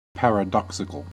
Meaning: Having self-contradictory properties
- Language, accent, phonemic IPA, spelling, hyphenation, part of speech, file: English, US, /ˌpɛɹəˈdɑːksɪkəl/, paradoxical, pa‧ra‧dox‧ic‧al, adjective, En-us-paradoxical.ogg